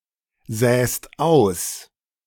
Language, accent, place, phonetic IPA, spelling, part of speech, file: German, Germany, Berlin, [ˌzɛːst ˈaʊ̯s], säst aus, verb, De-säst aus.ogg
- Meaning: second-person singular present of aussäen